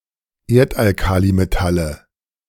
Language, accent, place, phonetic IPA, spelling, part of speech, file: German, Germany, Berlin, [ˈeːɐ̯tʔalˌkaːlimetalə], Erdalkalimetalle, noun, De-Erdalkalimetalle.ogg
- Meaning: nominative/accusative/genitive plural of Erdalkalimetall